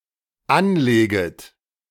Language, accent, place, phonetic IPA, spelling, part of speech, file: German, Germany, Berlin, [ˈanˌleːɡət], anleget, verb, De-anleget.ogg
- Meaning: second-person plural dependent subjunctive I of anlegen